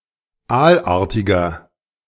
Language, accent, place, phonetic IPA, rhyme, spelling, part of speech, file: German, Germany, Berlin, [ˈaːlˌʔaːɐ̯tɪɡɐ], -aːlʔaːɐ̯tɪɡɐ, aalartiger, adjective, De-aalartiger.ogg
- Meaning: inflection of aalartig: 1. strong/mixed nominative masculine singular 2. strong genitive/dative feminine singular 3. strong genitive plural